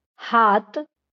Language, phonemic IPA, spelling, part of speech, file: Marathi, /ɦat̪/, हात, noun, LL-Q1571 (mar)-हात.wav
- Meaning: 1. hand 2. arm